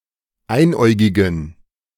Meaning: inflection of einäugig: 1. strong genitive masculine/neuter singular 2. weak/mixed genitive/dative all-gender singular 3. strong/weak/mixed accusative masculine singular 4. strong dative plural
- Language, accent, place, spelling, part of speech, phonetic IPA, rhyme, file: German, Germany, Berlin, einäugigen, adjective, [ˈaɪ̯nˌʔɔɪ̯ɡɪɡn̩], -aɪ̯nʔɔɪ̯ɡɪɡn̩, De-einäugigen.ogg